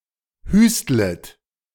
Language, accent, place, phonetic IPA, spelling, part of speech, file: German, Germany, Berlin, [ˈhyːstlət], hüstlet, verb, De-hüstlet.ogg
- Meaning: second-person plural subjunctive I of hüsteln